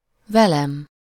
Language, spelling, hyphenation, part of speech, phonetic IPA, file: Hungarian, velem, ve‧lem, pronoun, [ˈvɛlɛm], Hu-velem.ogg
- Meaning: first-person singular of vele